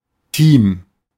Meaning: 1. team 2. team: group of people working together for a particular project 3. team: staff, personnel
- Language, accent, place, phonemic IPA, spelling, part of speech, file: German, Germany, Berlin, /tiːm/, Team, noun, De-Team.ogg